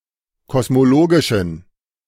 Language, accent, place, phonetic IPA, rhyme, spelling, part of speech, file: German, Germany, Berlin, [kɔsmoˈloːɡɪʃn̩], -oːɡɪʃn̩, kosmologischen, adjective, De-kosmologischen.ogg
- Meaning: inflection of kosmologisch: 1. strong genitive masculine/neuter singular 2. weak/mixed genitive/dative all-gender singular 3. strong/weak/mixed accusative masculine singular 4. strong dative plural